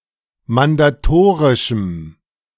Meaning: strong dative masculine/neuter singular of mandatorisch
- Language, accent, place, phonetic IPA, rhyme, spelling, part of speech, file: German, Germany, Berlin, [mandaˈtoːʁɪʃm̩], -oːʁɪʃm̩, mandatorischem, adjective, De-mandatorischem.ogg